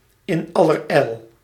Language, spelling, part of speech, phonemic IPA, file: Dutch, in allerijl, phrase, /ɪnˌɑlərˈɛil/, Nl-in allerijl.ogg
- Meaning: hurriedly, swiftly